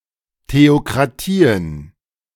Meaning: plural of Theokratie
- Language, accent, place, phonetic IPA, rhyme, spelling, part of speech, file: German, Germany, Berlin, [teokʁaˈtiːən], -iːən, Theokratien, noun, De-Theokratien.ogg